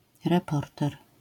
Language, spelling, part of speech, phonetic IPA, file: Polish, reporter, noun, [rɛˈpɔrtɛr], LL-Q809 (pol)-reporter.wav